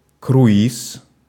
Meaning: cruise
- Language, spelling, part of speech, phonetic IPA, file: Russian, круиз, noun, [krʊˈis], Ru-круиз.ogg